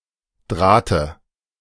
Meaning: dative singular of Draht
- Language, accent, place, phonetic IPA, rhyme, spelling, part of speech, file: German, Germany, Berlin, [ˈdʁaːtə], -aːtə, Drahte, noun, De-Drahte.ogg